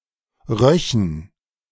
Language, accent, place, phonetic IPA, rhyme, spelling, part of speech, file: German, Germany, Berlin, [ˈʁœçn̩], -œçn̩, röchen, verb, De-röchen.ogg
- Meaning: first/third-person plural subjunctive II of riechen